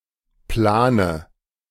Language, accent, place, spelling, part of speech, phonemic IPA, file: German, Germany, Berlin, Plane, noun, /ˈplaːnə/, De-Plane.ogg
- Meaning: 1. tarpaulin, awning (large sheet of waterproof material used as covering) 2. dative singular of Plan 3. plural of Plan